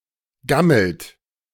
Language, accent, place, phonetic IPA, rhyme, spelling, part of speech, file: German, Germany, Berlin, [ˈɡaml̩t], -aml̩t, gammelt, verb, De-gammelt.ogg
- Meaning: inflection of gammeln: 1. second-person plural present 2. third-person singular present 3. plural imperative